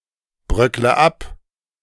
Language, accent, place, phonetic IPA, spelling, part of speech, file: German, Germany, Berlin, [ˌbʁœklə ˈap], bröckle ab, verb, De-bröckle ab.ogg
- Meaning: inflection of abbröckeln: 1. first-person singular present 2. first/third-person singular subjunctive I 3. singular imperative